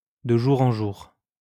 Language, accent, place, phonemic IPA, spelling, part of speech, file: French, France, Lyon, /də ʒu.ʁ‿ɑ̃ ʒuʁ/, de jour en jour, adverb, LL-Q150 (fra)-de jour en jour.wav
- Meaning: day by day, a little more each day, increasingly, progressively